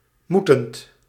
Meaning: present participle of moeten
- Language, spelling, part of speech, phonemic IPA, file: Dutch, moetend, verb, /ˈmutənt/, Nl-moetend.ogg